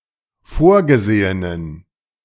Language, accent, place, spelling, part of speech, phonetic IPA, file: German, Germany, Berlin, vorgesehenen, adjective, [ˈfoːɐ̯ɡəˌzeːənən], De-vorgesehenen.ogg
- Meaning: inflection of vorgesehen: 1. strong genitive masculine/neuter singular 2. weak/mixed genitive/dative all-gender singular 3. strong/weak/mixed accusative masculine singular 4. strong dative plural